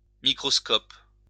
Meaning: microscope
- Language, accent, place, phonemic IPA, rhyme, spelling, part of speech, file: French, France, Lyon, /mi.kʁɔs.kɔp/, -ɔp, microscope, noun, LL-Q150 (fra)-microscope.wav